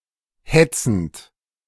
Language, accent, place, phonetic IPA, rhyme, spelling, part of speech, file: German, Germany, Berlin, [ˈhɛt͡sn̩t], -ɛt͡sn̩t, hetzend, verb, De-hetzend.ogg
- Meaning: present participle of hetzen